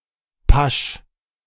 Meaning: doubles, doublets
- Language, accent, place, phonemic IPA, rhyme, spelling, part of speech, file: German, Germany, Berlin, /paʃ/, -aʃ, Pasch, noun, De-Pasch.ogg